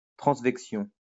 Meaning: transvection
- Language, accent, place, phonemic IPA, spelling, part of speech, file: French, France, Lyon, /tʁɑ̃s.vɛk.sjɔ̃/, transvection, noun, LL-Q150 (fra)-transvection.wav